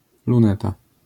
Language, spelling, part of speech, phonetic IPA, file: Polish, luneta, noun, [lũˈnɛta], LL-Q809 (pol)-luneta.wav